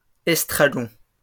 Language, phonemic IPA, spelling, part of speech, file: French, /ɛs.tʁa.ɡɔ̃/, estragons, noun, LL-Q150 (fra)-estragons.wav
- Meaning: plural of estragon